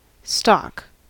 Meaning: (noun) 1. A store or supply 2. A store or supply.: A store of goods ready for sale; inventory
- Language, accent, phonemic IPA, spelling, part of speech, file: English, US, /stɑk/, stock, noun / verb / adjective, En-us-stock.ogg